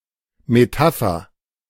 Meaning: metaphor
- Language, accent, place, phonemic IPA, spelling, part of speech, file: German, Germany, Berlin, /meˈtafɐ/, Metapher, noun, De-Metapher.ogg